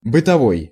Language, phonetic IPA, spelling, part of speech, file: Russian, [bɨtɐˈvoj], бытовой, adjective, Ru-бытовой.ogg
- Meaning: 1. domestic, household 2. common, everyday